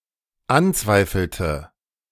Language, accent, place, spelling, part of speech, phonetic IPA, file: German, Germany, Berlin, anzweifelte, verb, [ˈanˌt͡svaɪ̯fl̩tə], De-anzweifelte.ogg
- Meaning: inflection of anzweifeln: 1. first/third-person singular dependent preterite 2. first/third-person singular dependent subjunctive II